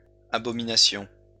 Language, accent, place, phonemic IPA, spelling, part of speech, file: French, France, Lyon, /a.bɔ.mi.na.sjɔ̃/, abominassions, verb, LL-Q150 (fra)-abominassions.wav
- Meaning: first-person plural imperfect subjunctive of abominer